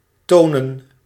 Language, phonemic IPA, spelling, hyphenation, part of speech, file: Dutch, /ˈtoːnə(n)/, tonen, to‧nen, verb / noun, Nl-tonen.ogg
- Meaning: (verb) 1. to show, to demonstrate 2. to sound, to resound; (noun) plural of toon